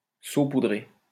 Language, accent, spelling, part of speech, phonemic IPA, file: French, France, saupoudrer, verb, /so.pu.dʁe/, LL-Q150 (fra)-saupoudrer.wav
- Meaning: 1. to salt 2. to sprinkle powder (onto) 3. to sprinkle (onto)